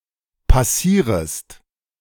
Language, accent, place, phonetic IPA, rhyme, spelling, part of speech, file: German, Germany, Berlin, [paˈsiːʁəst], -iːʁəst, passierest, verb, De-passierest.ogg
- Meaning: second-person singular subjunctive I of passieren